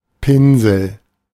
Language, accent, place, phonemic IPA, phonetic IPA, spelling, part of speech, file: German, Germany, Berlin, /ˈpɪnzl̩/, [ˈpɪnzl̩], Pinsel, noun, De-Pinsel.ogg
- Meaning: 1. paintbrush 2. short form of Einfaltspinsel